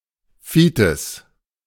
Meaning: willow warbler (bird of the species Phylloscopus trochilus)
- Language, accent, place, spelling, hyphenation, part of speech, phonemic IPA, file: German, Germany, Berlin, Fitis, Fi‧tis, noun, /ˈfiːtɪs/, De-Fitis.ogg